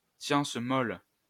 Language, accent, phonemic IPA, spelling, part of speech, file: French, France, /sjɑ̃s mɔl/, science molle, noun, LL-Q150 (fra)-science molle.wav
- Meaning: 1. human science, social science 2. the humanities